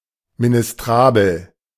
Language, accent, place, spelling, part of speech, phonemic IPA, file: German, Germany, Berlin, ministrabel, adjective, /minɪsˈtʁaːbl̩/, De-ministrabel.ogg
- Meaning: ministrable